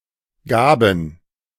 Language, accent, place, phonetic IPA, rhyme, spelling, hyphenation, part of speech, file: German, Germany, Berlin, [ˈɡaːbn̩], -aːbn̩, gaben, ga‧ben, verb, De-gaben.ogg
- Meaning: first/third-person plural preterite of geben